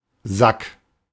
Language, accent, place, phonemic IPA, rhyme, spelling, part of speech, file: German, Germany, Berlin, /zak/, -ak, Sack, noun, De-Sack.ogg
- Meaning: 1. sack (large bag, especially one made of fabric) 2. the sack; ellipsis of Hodensack (“scrotum”) 3. prick; sod 4. pocket